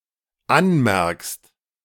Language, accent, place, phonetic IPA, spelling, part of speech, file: German, Germany, Berlin, [ˈanˌmɛʁkst], anmerkst, verb, De-anmerkst.ogg
- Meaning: second-person singular dependent present of anmerken